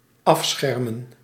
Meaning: to protectively separate or cover
- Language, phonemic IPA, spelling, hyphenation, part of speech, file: Dutch, /ˈɑfsxɛrmə(n)/, afschermen, af‧scher‧men, verb, Nl-afschermen.ogg